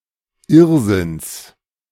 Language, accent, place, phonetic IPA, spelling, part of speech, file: German, Germany, Berlin, [ˈɪʁzɪns], Irrsinns, noun, De-Irrsinns.ogg
- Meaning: genitive singular of Irrsinn